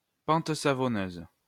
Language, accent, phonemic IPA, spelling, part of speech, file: French, France, /pɑ̃t sa.vɔ.nøz/, pente savonneuse, noun, LL-Q150 (fra)-pente savonneuse.wav
- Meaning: slippery slope